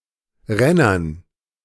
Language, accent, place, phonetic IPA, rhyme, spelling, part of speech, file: German, Germany, Berlin, [ˈʁɛnɐn], -ɛnɐn, Rennern, noun, De-Rennern.ogg
- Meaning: dative plural of Renner